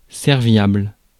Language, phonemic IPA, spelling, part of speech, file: French, /sɛʁ.vjabl/, serviable, adjective, Fr-serviable.ogg
- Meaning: helpful, obliging